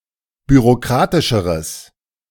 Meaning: strong/mixed nominative/accusative neuter singular comparative degree of bürokratisch
- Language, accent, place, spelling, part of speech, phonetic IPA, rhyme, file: German, Germany, Berlin, bürokratischeres, adjective, [byʁoˈkʁaːtɪʃəʁəs], -aːtɪʃəʁəs, De-bürokratischeres.ogg